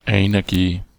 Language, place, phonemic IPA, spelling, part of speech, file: German, Bavaria, /aɪ̯nˈhɛɐ̯ˌɡeːən/, einhergehen, verb, Bar-einhergehen.ogg
- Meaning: to accompany